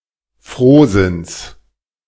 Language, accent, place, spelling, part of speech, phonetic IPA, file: German, Germany, Berlin, Frohsinns, noun, [ˈfʁoːˌzɪns], De-Frohsinns.ogg
- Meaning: genitive singular of Frohsinn